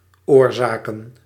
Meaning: plural of oorzaak
- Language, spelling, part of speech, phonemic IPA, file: Dutch, oorzaken, noun, /ˈorzakə(n)/, Nl-oorzaken.ogg